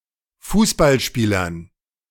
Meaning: dative plural of Fußballspieler
- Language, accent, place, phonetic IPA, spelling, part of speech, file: German, Germany, Berlin, [ˈfuːsbalˌʃpiːlɐn], Fußballspielern, noun, De-Fußballspielern.ogg